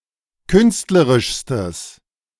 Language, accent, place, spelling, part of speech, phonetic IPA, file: German, Germany, Berlin, künstlerischstes, adjective, [ˈkʏnstləʁɪʃstəs], De-künstlerischstes.ogg
- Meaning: strong/mixed nominative/accusative neuter singular superlative degree of künstlerisch